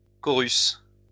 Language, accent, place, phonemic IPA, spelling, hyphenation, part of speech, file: French, France, Lyon, /kɔ.ʁys/, chorus, cho‧rus, noun, LL-Q150 (fra)-chorus.wav
- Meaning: 1. chorus 2. refrain of a song 3. improvisation by a soloist for part of all of a theme